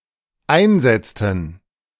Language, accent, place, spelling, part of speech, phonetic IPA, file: German, Germany, Berlin, einsetzten, verb, [ˈaɪ̯nˌzɛt͡stn̩], De-einsetzten.ogg
- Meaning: inflection of einsetzen: 1. first/third-person plural dependent preterite 2. first/third-person plural dependent subjunctive II